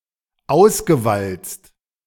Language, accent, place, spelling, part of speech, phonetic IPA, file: German, Germany, Berlin, ausgewalzt, verb, [ˈaʊ̯sɡəˌvalt͡st], De-ausgewalzt.ogg
- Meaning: past participle of auswalzen